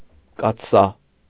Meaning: kettle, cauldron
- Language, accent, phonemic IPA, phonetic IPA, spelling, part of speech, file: Armenian, Eastern Armenian, /kɑtʰˈsɑ/, [kɑtʰsɑ́], կաթսա, noun, Hy-կաթսա.ogg